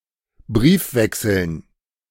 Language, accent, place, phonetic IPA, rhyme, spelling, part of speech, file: German, Germany, Berlin, [ˈbʁiːfˌvɛksl̩n], -iːfvɛksl̩n, Briefwechseln, noun, De-Briefwechseln.ogg
- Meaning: dative plural of Briefwechsel